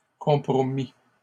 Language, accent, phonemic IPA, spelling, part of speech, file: French, Canada, /kɔ̃.pʁɔ.mi/, compromît, verb, LL-Q150 (fra)-compromît.wav
- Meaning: third-person singular imperfect subjunctive of compromettre